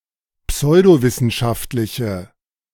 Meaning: inflection of pseudowissenschaftlich: 1. strong/mixed nominative/accusative feminine singular 2. strong nominative/accusative plural 3. weak nominative all-gender singular
- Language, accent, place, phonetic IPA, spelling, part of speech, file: German, Germany, Berlin, [ˈpsɔɪ̯doˌvɪsn̩ʃaftlɪçə], pseudowissenschaftliche, adjective, De-pseudowissenschaftliche.ogg